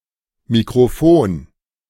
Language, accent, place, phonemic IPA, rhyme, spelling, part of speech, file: German, Germany, Berlin, /mikʁoˈfoːn/, -oːn, Mikrofon, noun, De-Mikrofon.ogg
- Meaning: microphone